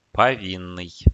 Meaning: guilty
- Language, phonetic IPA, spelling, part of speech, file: Russian, [pɐˈvʲinːɨj], повинный, adjective, Ru-повинный.ogg